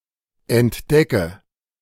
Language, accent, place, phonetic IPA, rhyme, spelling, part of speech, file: German, Germany, Berlin, [ɛntˈdɛkə], -ɛkə, entdecke, verb, De-entdecke.ogg
- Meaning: inflection of entdecken: 1. first-person singular present 2. first/third-person singular subjunctive I 3. singular imperative